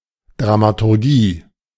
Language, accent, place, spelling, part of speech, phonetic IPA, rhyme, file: German, Germany, Berlin, Dramaturgie, noun, [ˌdʁamatʊʁˈɡiː], -iː, De-Dramaturgie.ogg
- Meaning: dramaturgy